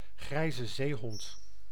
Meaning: the grey seal (Halichoerus grypus)
- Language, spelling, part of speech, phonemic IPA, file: Dutch, grijze zeehond, noun, /ˌɣrɛi̯zə ˈzeːɦɔnt/, Nl-grijze zeehond.ogg